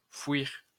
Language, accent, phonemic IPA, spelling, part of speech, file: French, France, /fwiʁ/, fouir, verb, LL-Q150 (fra)-fouir.wav
- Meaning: to dig, grub, burrow